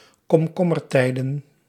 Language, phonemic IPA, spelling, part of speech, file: Dutch, /kɔmˈkɔmərˌtɛidə(n)/, komkommertijden, noun, Nl-komkommertijden.ogg
- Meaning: plural of komkommertijd